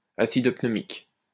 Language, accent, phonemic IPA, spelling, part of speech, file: French, France, /a.sid pnø.mik/, acide pneumique, noun, LL-Q150 (fra)-acide pneumique.wav
- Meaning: pneumic acid